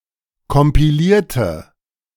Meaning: inflection of kompilieren: 1. first/third-person singular preterite 2. first/third-person singular subjunctive II
- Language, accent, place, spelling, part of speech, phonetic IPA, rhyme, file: German, Germany, Berlin, kompilierte, adjective / verb, [kɔmpiˈliːɐ̯tə], -iːɐ̯tə, De-kompilierte.ogg